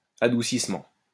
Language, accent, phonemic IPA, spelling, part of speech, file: French, France, /a.du.sis.mɑ̃/, adoucissement, noun, LL-Q150 (fra)-adoucissement.wav
- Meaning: sweetening, mellowing, softening